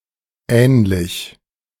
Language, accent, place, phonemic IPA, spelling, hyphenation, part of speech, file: German, Germany, Berlin, /ˈɛːnlɪç/, ähnlich, ähn‧lich, adjective, De-ähnlich2.ogg
- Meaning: similar, alike, resembling